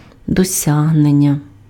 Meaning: achievement, accomplishment, attainment
- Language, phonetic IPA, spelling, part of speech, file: Ukrainian, [dɔˈsʲaɦnenʲːɐ], досягнення, noun, Uk-досягнення.ogg